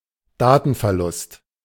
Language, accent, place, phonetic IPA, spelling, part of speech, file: German, Germany, Berlin, [ˈdaːtn̩fɛɐ̯ˌlʊst], Datenverlust, noun, De-Datenverlust.ogg
- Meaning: data loss, loss of data